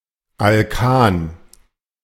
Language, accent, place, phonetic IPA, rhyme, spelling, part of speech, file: German, Germany, Berlin, [alˈkaːn], -aːn, Alkan, noun, De-Alkan.ogg
- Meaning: alkane